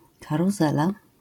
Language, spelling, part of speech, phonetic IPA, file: Polish, karuzela, noun, [ˌkaruˈzɛla], LL-Q809 (pol)-karuzela.wav